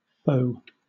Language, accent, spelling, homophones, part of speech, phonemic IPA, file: English, Southern England, faux, fo' / foe / pho, adjective, /fəʊ/, LL-Q1860 (eng)-faux.wav
- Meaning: Fake or artificial